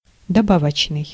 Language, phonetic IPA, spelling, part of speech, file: Russian, [dɐˈbavət͡ɕnɨj], добавочный, adjective, Ru-добавочный.ogg
- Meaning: 1. additional, extra 2. supplementary 3. accessory